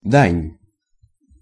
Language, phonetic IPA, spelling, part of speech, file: Russian, [danʲ], дань, noun, Ru-дань.ogg
- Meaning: 1. contribution, tribute 2. tributary 3. homage, tribute 4. toll